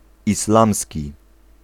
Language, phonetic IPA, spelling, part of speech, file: Polish, [isˈlãmsʲci], islamski, adjective, Pl-islamski.ogg